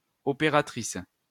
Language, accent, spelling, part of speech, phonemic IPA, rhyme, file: French, France, opératrice, noun, /ɔ.pe.ʁa.tʁis/, -is, LL-Q150 (fra)-opératrice.wav
- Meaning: female equivalent of opérateur